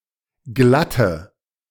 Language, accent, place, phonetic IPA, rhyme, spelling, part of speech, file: German, Germany, Berlin, [ˈɡlatə], -atə, glatte, adjective, De-glatte.ogg
- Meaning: inflection of glatt: 1. strong/mixed nominative/accusative feminine singular 2. strong nominative/accusative plural 3. weak nominative all-gender singular 4. weak accusative feminine/neuter singular